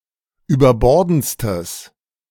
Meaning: strong/mixed nominative/accusative neuter singular superlative degree of überbordend
- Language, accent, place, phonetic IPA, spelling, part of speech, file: German, Germany, Berlin, [yːbɐˈbɔʁdn̩t͡stəs], überbordendstes, adjective, De-überbordendstes.ogg